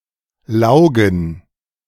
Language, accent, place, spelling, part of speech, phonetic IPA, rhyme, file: German, Germany, Berlin, Laugen, noun, [ˈlaʊ̯ɡn̩], -aʊ̯ɡn̩, De-Laugen.ogg
- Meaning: 1. gerund of laugen 2. plural of Lauge